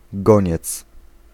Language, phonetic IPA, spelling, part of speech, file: Polish, [ˈɡɔ̃ɲɛt͡s], goniec, noun, Pl-goniec.ogg